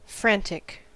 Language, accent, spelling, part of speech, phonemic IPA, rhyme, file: English, US, frantic, adjective / noun, /ˈfɹæn.tɪk/, -æntɪk, En-us-frantic.ogg
- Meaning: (adjective) 1. Insane, mentally unstable 2. In a state of panic, worry, frenzy, or rush 3. Extremely energetic; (noun) A person who is insane or mentally unstable, madman